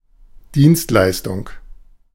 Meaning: service, provision of services
- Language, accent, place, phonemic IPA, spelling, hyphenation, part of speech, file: German, Germany, Berlin, /ˈdiːnstˌlaɪ̯stʊŋ/, Dienstleistung, Dienst‧leis‧tung, noun, De-Dienstleistung.ogg